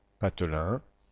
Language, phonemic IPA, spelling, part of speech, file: French, /pat.lɛ̃/, patelin, noun / adjective, Fr-patelin.ogg
- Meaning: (noun) backwater, one-horse town; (adjective) fawning; unctuous